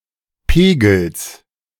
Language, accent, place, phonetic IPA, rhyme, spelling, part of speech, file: German, Germany, Berlin, [ˈpeːɡl̩s], -eːɡl̩s, Pegels, noun, De-Pegels.ogg
- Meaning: genitive of Pegel